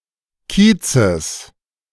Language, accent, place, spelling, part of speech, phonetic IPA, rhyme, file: German, Germany, Berlin, Kiezes, noun, [ˈkiːt͡səs], -iːt͡səs, De-Kiezes.ogg
- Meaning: genitive of Kiez